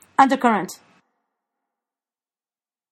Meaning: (noun) 1. A current of water which flows under the surface, and often in a different direction from surface currents 2. A tendency of feeling or opinion that is concealed rather than exposed
- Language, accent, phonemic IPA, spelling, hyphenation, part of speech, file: English, General American, /ˈʌndɚˌkʌɹənt/, undercurrent, un‧der‧cur‧rent, noun / verb, En-us-undercurrent.flac